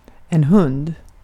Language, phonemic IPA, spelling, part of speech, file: Swedish, /hɵnd/, hund, noun, Sv-hund.ogg
- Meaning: a dog, a hound